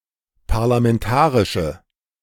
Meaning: inflection of parlamentarisch: 1. strong/mixed nominative/accusative feminine singular 2. strong nominative/accusative plural 3. weak nominative all-gender singular
- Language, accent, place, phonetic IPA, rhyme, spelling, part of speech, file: German, Germany, Berlin, [paʁlamɛnˈtaːʁɪʃə], -aːʁɪʃə, parlamentarische, adjective, De-parlamentarische.ogg